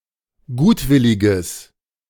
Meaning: strong/mixed nominative/accusative neuter singular of gutwillig
- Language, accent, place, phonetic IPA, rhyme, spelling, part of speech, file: German, Germany, Berlin, [ˈɡuːtˌvɪlɪɡəs], -uːtvɪlɪɡəs, gutwilliges, adjective, De-gutwilliges.ogg